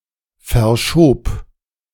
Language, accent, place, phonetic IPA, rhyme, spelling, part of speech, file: German, Germany, Berlin, [fɛɐ̯ˈʃoːp], -oːp, verschob, verb, De-verschob.ogg
- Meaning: first/third-person singular preterite of verschieben